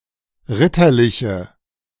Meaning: inflection of ritterlich: 1. strong/mixed nominative/accusative feminine singular 2. strong nominative/accusative plural 3. weak nominative all-gender singular
- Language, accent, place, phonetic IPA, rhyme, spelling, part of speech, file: German, Germany, Berlin, [ˈʁɪtɐˌlɪçə], -ɪtɐlɪçə, ritterliche, adjective, De-ritterliche.ogg